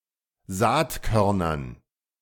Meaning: dative plural of Saatkorn
- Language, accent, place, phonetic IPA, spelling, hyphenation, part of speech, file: German, Germany, Berlin, [ˈzaːtˌkœʁnɐn], Saatkörnern, Saat‧kör‧nern, noun, De-Saatkörnern.ogg